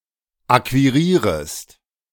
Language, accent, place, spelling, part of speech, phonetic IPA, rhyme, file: German, Germany, Berlin, akquirierest, verb, [ˌakviˈʁiːʁəst], -iːʁəst, De-akquirierest.ogg
- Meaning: second-person singular subjunctive I of akquirieren